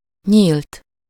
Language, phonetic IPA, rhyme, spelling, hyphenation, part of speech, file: Hungarian, [ˈɲiːlt], -iːlt, nyílt, nyílt, verb / adjective, Hu-nyílt.ogg
- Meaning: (verb) 1. third-person singular indicative past indefinite of nyílik 2. past participle of nyílik; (adjective) 1. open 2. plain, unconcealed, forthright, outspoken 3. overt